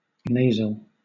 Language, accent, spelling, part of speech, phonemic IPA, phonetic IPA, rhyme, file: English, Southern England, nasal, adjective / noun, /ˈneɪ.zəl/, [ˈnej.zl̩], -eɪzəl, LL-Q1860 (eng)-nasal.wav
- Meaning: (adjective) Of or pertaining to the nose or to the nasion